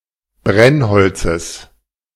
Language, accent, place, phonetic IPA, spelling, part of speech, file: German, Germany, Berlin, [ˈbʁɛnˌhɔlt͡səs], Brennholzes, noun, De-Brennholzes.ogg
- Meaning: genitive singular of Brennholz